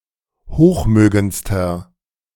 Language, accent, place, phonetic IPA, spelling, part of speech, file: German, Germany, Berlin, [ˈhoːxˌmøːɡənt͡stɐ], hochmögendster, adjective, De-hochmögendster.ogg
- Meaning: inflection of hochmögend: 1. strong/mixed nominative masculine singular superlative degree 2. strong genitive/dative feminine singular superlative degree 3. strong genitive plural superlative degree